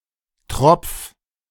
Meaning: 1. singular imperative of tropfen 2. first-person singular present of tropfen
- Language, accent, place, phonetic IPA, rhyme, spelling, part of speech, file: German, Germany, Berlin, [tʁɔp͡f], -ɔp͡f, tropf, verb, De-tropf.ogg